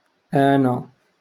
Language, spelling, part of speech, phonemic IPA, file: Moroccan Arabic, آنا, pronoun, /ʔaː.na/, LL-Q56426 (ary)-آنا.wav
- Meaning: I (first person singular subject pronoun)